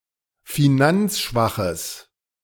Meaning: strong/mixed nominative/accusative neuter singular of finanzschwach
- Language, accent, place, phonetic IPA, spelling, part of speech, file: German, Germany, Berlin, [fiˈnant͡sˌʃvaxəs], finanzschwaches, adjective, De-finanzschwaches.ogg